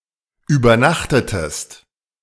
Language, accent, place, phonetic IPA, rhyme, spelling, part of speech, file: German, Germany, Berlin, [yːbɐˈnaxtətəst], -axtətəst, übernachtetest, verb, De-übernachtetest.ogg
- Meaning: inflection of übernachten: 1. second-person singular preterite 2. second-person singular subjunctive II